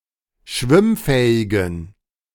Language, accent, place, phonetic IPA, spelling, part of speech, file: German, Germany, Berlin, [ˈʃvɪmˌfɛːɪɡn̩], schwimmfähigen, adjective, De-schwimmfähigen.ogg
- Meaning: inflection of schwimmfähig: 1. strong genitive masculine/neuter singular 2. weak/mixed genitive/dative all-gender singular 3. strong/weak/mixed accusative masculine singular 4. strong dative plural